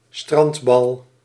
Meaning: a beach ball
- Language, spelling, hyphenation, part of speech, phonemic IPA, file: Dutch, strandbal, strand‧bal, noun, /ˈstrɑnt.bɑl/, Nl-strandbal.ogg